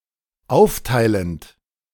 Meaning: present participle of aufteilen
- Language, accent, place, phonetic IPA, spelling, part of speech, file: German, Germany, Berlin, [ˈaʊ̯fˌtaɪ̯lənt], aufteilend, verb, De-aufteilend.ogg